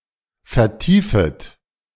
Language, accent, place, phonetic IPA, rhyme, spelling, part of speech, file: German, Germany, Berlin, [fɛɐ̯ˈtiːfət], -iːfət, vertiefet, verb, De-vertiefet.ogg
- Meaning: second-person plural subjunctive I of vertiefen